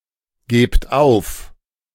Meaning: inflection of aufgeben: 1. second-person plural present 2. plural imperative
- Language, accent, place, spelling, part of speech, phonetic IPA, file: German, Germany, Berlin, gebt auf, verb, [ˌɡeːpt ˈaʊ̯f], De-gebt auf.ogg